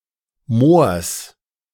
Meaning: genitive singular of Moor
- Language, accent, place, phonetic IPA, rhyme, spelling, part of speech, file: German, Germany, Berlin, [moːɐ̯s], -oːɐ̯s, Moors, noun, De-Moors.ogg